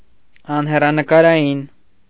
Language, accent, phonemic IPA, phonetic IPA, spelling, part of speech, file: Armenian, Eastern Armenian, /ɑnherɑnəkɑɾɑˈjin/, [ɑnherɑnəkɑɾɑjín], անհեռանկարային, adjective, Hy-անհեռանկարային .ogg
- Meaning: having no prospects, unpromising, hopeless, futile, gloomy, dark